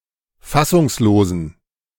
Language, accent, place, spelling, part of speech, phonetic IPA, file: German, Germany, Berlin, fassungslosen, adjective, [ˈfasʊŋsˌloːzn̩], De-fassungslosen.ogg
- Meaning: inflection of fassungslos: 1. strong genitive masculine/neuter singular 2. weak/mixed genitive/dative all-gender singular 3. strong/weak/mixed accusative masculine singular 4. strong dative plural